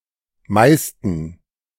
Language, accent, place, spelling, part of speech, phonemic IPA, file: German, Germany, Berlin, meisten, adjective, /ˈmaɪ̯stn̩/, De-meisten.ogg
- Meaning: 1. superlative degree of viel 2. inflection of meist: strong genitive masculine/neuter singular 3. inflection of meist: weak/mixed genitive/dative all-gender singular